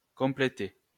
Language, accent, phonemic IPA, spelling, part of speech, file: French, France, /kɔ̃.ple.te/, complété, verb, LL-Q150 (fra)-complété.wav
- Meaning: past participle of compléter